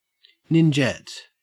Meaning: A female ninja-like warrior or martial artist; a kunoichi
- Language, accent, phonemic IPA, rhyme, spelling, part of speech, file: English, Australia, /nɪnˈd͡ʒɛt/, -ɛt, ninjette, noun, En-au-ninjette.ogg